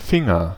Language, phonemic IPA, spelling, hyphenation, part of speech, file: German, /ˈfɪŋɐ/, Finger, Fin‧ger, noun, De-Finger.ogg
- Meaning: finger